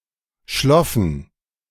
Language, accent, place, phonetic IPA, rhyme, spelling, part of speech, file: German, Germany, Berlin, [ˈʃlɔfn̩], -ɔfn̩, schloffen, verb, De-schloffen.ogg
- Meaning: first/third-person plural preterite of schliefen